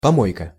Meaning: 1. garbage dump, rubbish heap 2. dustbin, ashcan, garbage can 3. slovenly place or dwelling 4. junk (disorderly collection of unnecessary objects)
- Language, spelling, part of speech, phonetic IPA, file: Russian, помойка, noun, [pɐˈmojkə], Ru-помойка.ogg